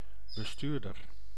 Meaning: 1. driver 2. manager
- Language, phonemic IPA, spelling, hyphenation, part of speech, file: Dutch, /bəˈstyːr.dər/, bestuurder, be‧stuur‧der, noun, Nl-bestuurder.ogg